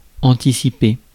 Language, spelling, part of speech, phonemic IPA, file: French, anticiper, verb, /ɑ̃.ti.si.pe/, Fr-anticiper.ogg
- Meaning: to anticipate